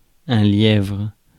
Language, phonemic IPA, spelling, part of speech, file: French, /ljɛvʁ/, lièvre, noun, Fr-lièvre.ogg
- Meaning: 1. hare 2. pacesetter, pacemaker, pacer